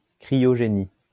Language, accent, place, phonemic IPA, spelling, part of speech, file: French, France, Lyon, /kʁi.jɔ.ʒe.ni/, cryogénie, noun, LL-Q150 (fra)-cryogénie.wav
- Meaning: cryogenics